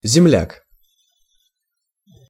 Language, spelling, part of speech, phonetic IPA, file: Russian, земляк, noun, [zʲɪˈmlʲak], Ru-земляк.ogg
- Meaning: compatriot, countryman